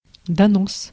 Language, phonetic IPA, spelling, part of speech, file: Russian, [dɐˈnos], донос, noun, Ru-донос.ogg
- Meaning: denunciation (of), information (against)